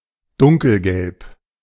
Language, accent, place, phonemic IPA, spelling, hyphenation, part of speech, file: German, Germany, Berlin, /ˈdʊŋkl̩ˌɡɛlp/, dunkelgelb, dun‧kel‧gelb, adjective, De-dunkelgelb.ogg
- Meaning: 1. dark yellow 2. having just turned red